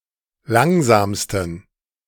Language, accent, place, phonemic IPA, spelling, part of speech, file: German, Germany, Berlin, /ˈlaŋzaːmstən/, langsamsten, adjective, De-langsamsten.ogg
- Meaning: 1. superlative degree of langsam 2. inflection of langsam: strong genitive masculine/neuter singular superlative degree